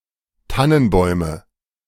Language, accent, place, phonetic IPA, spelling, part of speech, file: German, Germany, Berlin, [ˈtanənˌbɔɪ̯mə], Tannenbäume, noun, De-Tannenbäume.ogg
- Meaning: nominative/accusative/genitive plural of Tannenbaum